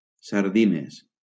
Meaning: plural of sardina
- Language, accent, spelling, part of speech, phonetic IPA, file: Catalan, Valencia, sardines, noun, [saɾˈði.nes], LL-Q7026 (cat)-sardines.wav